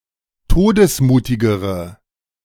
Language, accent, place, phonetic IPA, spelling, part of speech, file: German, Germany, Berlin, [ˈtoːdəsˌmuːtɪɡəʁə], todesmutigere, adjective, De-todesmutigere.ogg
- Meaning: inflection of todesmutig: 1. strong/mixed nominative/accusative feminine singular comparative degree 2. strong nominative/accusative plural comparative degree